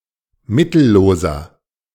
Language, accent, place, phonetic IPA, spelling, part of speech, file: German, Germany, Berlin, [ˈmɪtl̩ˌloːzɐ], mittelloser, adjective, De-mittelloser.ogg
- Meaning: 1. comparative degree of mittellos 2. inflection of mittellos: strong/mixed nominative masculine singular 3. inflection of mittellos: strong genitive/dative feminine singular